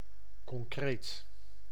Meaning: 1. concrete, not abstract 2. perceivable, real
- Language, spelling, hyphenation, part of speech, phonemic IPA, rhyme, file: Dutch, concreet, con‧creet, adjective, /kɔŋˈkreːt/, -eːt, Nl-concreet.ogg